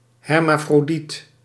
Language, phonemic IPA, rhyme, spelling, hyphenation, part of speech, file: Dutch, /ˌɦɛr.maː.froːˈdit/, -it, hermafrodiet, her‧ma‧fro‧diet, noun / adjective, Nl-hermafrodiet.ogg
- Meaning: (noun) a hermaphrodite. (see usage note below); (adjective) hermaphrodite, hermaphroditic